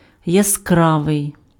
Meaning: 1. bright 2. colorful 3. rememberable, catchy
- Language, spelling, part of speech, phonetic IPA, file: Ukrainian, яскравий, adjective, [jɐˈskraʋei̯], Uk-яскравий.ogg